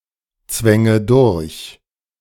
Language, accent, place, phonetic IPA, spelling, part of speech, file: German, Germany, Berlin, [ˌt͡svɛŋə ˈdʊʁç], zwänge durch, verb, De-zwänge durch.ogg
- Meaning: inflection of durchzwängen: 1. first-person singular present 2. first/third-person singular subjunctive I 3. singular imperative